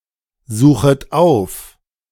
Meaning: second-person plural subjunctive I of aufsuchen
- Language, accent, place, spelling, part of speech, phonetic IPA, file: German, Germany, Berlin, suchet auf, verb, [ˌzuːxət ˈaʊ̯f], De-suchet auf.ogg